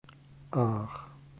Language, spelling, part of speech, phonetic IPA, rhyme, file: German, Aach, proper noun, [aːχ], -aːχ, De-Aach.ogg
- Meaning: 1. any of several rivers in Germany 2. any of several towns and villages in Germany 3. a surname